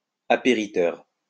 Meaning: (adjective) insurance; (noun) insurance agent or broker
- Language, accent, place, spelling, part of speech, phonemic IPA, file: French, France, Lyon, apériteur, adjective / noun, /a.pe.ʁi.tœʁ/, LL-Q150 (fra)-apériteur.wav